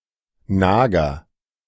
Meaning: rodent
- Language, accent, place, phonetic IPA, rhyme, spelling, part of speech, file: German, Germany, Berlin, [ˈnaːɡɐ], -aːɡɐ, Nager, noun, De-Nager.ogg